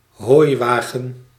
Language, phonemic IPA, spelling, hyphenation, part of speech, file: Dutch, /ˈɦoːi̯ˌʋaː.ɣə(n)/, hooiwagen, hooi‧wa‧gen, noun, Nl-hooiwagen.ogg
- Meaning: 1. a harvestman, an arachnid of the order Opiliones 2. a hay cart, a wagon full of hay